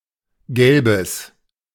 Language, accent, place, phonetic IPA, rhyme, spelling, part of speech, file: German, Germany, Berlin, [ˈɡɛlbəs], -ɛlbəs, Gelbes, noun, De-Gelbes.ogg
- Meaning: yellow (colour)